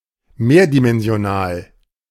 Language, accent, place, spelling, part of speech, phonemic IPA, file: German, Germany, Berlin, mehrdimensional, adjective, /ˈmeːɐ̯dimɛnzi̯oˌnaːl/, De-mehrdimensional.ogg
- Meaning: multidimensional